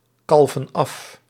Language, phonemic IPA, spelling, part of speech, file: Dutch, /ˈkɑlvə(n) ˈɑf/, kalven af, verb, Nl-kalven af.ogg
- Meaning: inflection of afkalven: 1. plural present indicative 2. plural present subjunctive